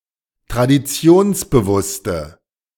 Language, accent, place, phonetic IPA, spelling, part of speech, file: German, Germany, Berlin, [tʁadiˈt͡si̯oːnsbəˌvʊstə], traditionsbewusste, adjective, De-traditionsbewusste.ogg
- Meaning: inflection of traditionsbewusst: 1. strong/mixed nominative/accusative feminine singular 2. strong nominative/accusative plural 3. weak nominative all-gender singular